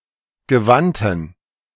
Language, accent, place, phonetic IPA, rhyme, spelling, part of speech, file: German, Germany, Berlin, [ɡəˈvantn̩], -antn̩, gewandten, adjective, De-gewandten.ogg
- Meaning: inflection of gewandt: 1. strong genitive masculine/neuter singular 2. weak/mixed genitive/dative all-gender singular 3. strong/weak/mixed accusative masculine singular 4. strong dative plural